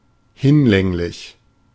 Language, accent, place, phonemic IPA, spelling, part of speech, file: German, Germany, Berlin, /ˈhɪnˌlɛŋlɪç/, hinlänglich, adjective, De-hinlänglich.ogg
- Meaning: sufficient, adequate